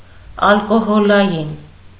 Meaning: alcoholic
- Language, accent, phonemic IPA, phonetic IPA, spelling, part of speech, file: Armenian, Eastern Armenian, /ɑlkoholɑˈjin/, [ɑlkoholɑjín], ալկոհոլային, adjective, Hy-ալկոհոլային.ogg